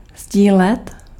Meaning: to share
- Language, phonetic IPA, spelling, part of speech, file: Czech, [ˈzɟiːlɛt], sdílet, verb, Cs-sdílet.ogg